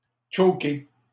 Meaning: 1. to choke 2. to stop, to inhibit, to prevent 3. to fail, to fumble
- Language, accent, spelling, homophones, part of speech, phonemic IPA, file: French, Canada, choker, chokai / choké / chokée / chokées / chokés / chokez, verb, /tʃo.ke/, LL-Q150 (fra)-choker.wav